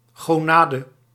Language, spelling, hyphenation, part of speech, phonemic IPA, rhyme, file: Dutch, gonade, go‧na‧de, noun, /ˌɣoːˈnaː.də/, -aːdə, Nl-gonade.ogg
- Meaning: gonad